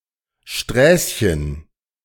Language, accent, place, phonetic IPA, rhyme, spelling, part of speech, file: German, Germany, Berlin, [ˈʃtʁɛːsçən], -ɛːsçən, Sträßchen, noun, De-Sträßchen.ogg
- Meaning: diminutive of Straße